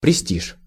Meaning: prestige
- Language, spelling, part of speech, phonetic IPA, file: Russian, престиж, noun, [prʲɪˈsʲtʲiʂ], Ru-престиж.ogg